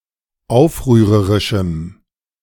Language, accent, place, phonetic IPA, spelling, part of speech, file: German, Germany, Berlin, [ˈaʊ̯fʁyːʁəʁɪʃm̩], aufrührerischem, adjective, De-aufrührerischem.ogg
- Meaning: strong dative masculine/neuter singular of aufrührerisch